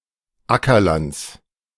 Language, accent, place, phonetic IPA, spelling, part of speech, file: German, Germany, Berlin, [ˈakɐˌlant͡s], Ackerlands, noun, De-Ackerlands.ogg
- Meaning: genitive singular of Ackerland